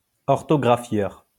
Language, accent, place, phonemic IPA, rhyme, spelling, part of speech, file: French, France, Lyon, /ɔʁ.tɔ.ɡʁa.fjœʁ/, -œʁ, orthographieur, noun, LL-Q150 (fra)-orthographieur.wav
- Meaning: orthographer